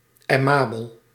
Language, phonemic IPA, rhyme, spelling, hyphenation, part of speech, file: Dutch, /ɛˈmaː.bəl/, -aːbəl, aimabel, ai‧ma‧bel, adjective, Nl-aimabel.ogg
- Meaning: amiable